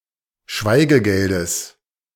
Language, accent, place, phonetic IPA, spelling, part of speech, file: German, Germany, Berlin, [ˈʃvaɪ̯ɡəˌɡɛldəs], Schweigegeldes, noun, De-Schweigegeldes.ogg
- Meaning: genitive singular of Schweigegeld